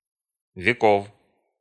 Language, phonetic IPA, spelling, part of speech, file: Russian, [vʲɪˈkof], веков, noun, Ru-веков.ogg
- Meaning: genitive plural of век (vek)